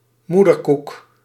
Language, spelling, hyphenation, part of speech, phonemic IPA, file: Dutch, moederkoek, moe‧der‧koek, noun, /ˈmu.dərˌkuk/, Nl-moederkoek.ogg
- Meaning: placenta